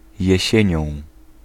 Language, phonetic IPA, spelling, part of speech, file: Polish, [jɛ̇ˈɕɛ̇̃ɲɔ̃w̃], jesienią, adverb / noun, Pl-jesienią.ogg